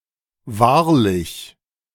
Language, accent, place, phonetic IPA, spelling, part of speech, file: German, Germany, Berlin, [ˈvaːɐ̯lɪç], wahrlich, adverb, De-wahrlich.ogg
- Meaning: truly, really, verily